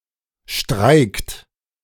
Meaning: inflection of streiken: 1. second-person plural present 2. third-person singular present 3. plural imperative
- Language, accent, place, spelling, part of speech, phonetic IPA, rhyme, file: German, Germany, Berlin, streikt, verb, [ʃtʁaɪ̯kt], -aɪ̯kt, De-streikt.ogg